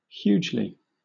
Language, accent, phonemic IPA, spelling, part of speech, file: English, Southern England, /ˈhjuːd͡ʒli/, hugely, adverb, LL-Q1860 (eng)-hugely.wav
- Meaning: Greatly; to a huge extent